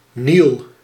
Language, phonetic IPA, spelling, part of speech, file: Dutch, [nil], Niel, proper noun, Nl-Niel.ogg
- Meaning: town on the river Rupel in the southwest of the Belgian province of Antwerp